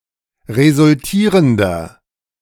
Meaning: inflection of resultierend: 1. strong/mixed nominative masculine singular 2. strong genitive/dative feminine singular 3. strong genitive plural
- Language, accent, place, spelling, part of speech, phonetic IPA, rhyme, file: German, Germany, Berlin, resultierender, adjective, [ʁezʊlˈtiːʁəndɐ], -iːʁəndɐ, De-resultierender.ogg